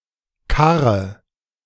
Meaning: inflection of karren: 1. first-person singular present 2. singular imperative 3. first/third-person singular subjunctive I
- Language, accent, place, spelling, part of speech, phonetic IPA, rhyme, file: German, Germany, Berlin, karre, verb, [ˈkaʁə], -aʁə, De-karre.ogg